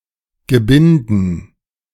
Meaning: dative plural of Gebinde
- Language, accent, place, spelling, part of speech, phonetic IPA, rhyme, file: German, Germany, Berlin, Gebinden, noun, [ɡəˈbɪndn̩], -ɪndn̩, De-Gebinden.ogg